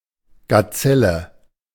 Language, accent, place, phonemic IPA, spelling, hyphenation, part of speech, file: German, Germany, Berlin, /ɡaˈt͡sɛlə/, Gazelle, Ga‧zel‧le, noun, De-Gazelle.ogg
- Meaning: gazelle